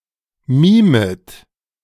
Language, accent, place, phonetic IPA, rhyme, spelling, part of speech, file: German, Germany, Berlin, [ˈmiːmət], -iːmət, mimet, verb, De-mimet.ogg
- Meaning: second-person plural subjunctive I of mimen